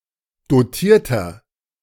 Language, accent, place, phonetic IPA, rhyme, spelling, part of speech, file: German, Germany, Berlin, [doˈtiːɐ̯tɐ], -iːɐ̯tɐ, dotierter, adjective, De-dotierter.ogg
- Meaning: inflection of dotiert: 1. strong/mixed nominative masculine singular 2. strong genitive/dative feminine singular 3. strong genitive plural